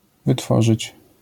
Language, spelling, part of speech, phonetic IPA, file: Polish, wytworzyć, verb, [vɨˈtfɔʒɨt͡ɕ], LL-Q809 (pol)-wytworzyć.wav